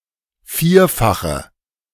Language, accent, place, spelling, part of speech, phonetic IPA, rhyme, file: German, Germany, Berlin, vierfache, adjective, [ˈfiːɐ̯faxə], -iːɐ̯faxə, De-vierfache.ogg
- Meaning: inflection of vierfach: 1. strong/mixed nominative/accusative feminine singular 2. strong nominative/accusative plural 3. weak nominative all-gender singular